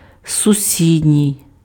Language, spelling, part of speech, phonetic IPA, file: Ukrainian, сусідній, adjective, [sʊˈsʲidʲnʲii̯], Uk-сусідній.ogg
- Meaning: neighbouring (UK), neighboring (US)